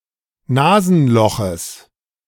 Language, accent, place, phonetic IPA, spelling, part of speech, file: German, Germany, Berlin, [ˈnaːzn̩ˌlɔxəs], Nasenloches, noun, De-Nasenloches.ogg
- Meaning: genitive of Nasenloch